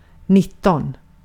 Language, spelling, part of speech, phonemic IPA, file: Swedish, nitton, numeral, /ˈnɪˌtɔn/, Sv-nitton.ogg
- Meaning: nineteen